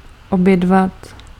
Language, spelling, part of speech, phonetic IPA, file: Czech, obědvat, verb, [ˈobjɛdvat], Cs-obědvat.ogg
- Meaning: to have some lunch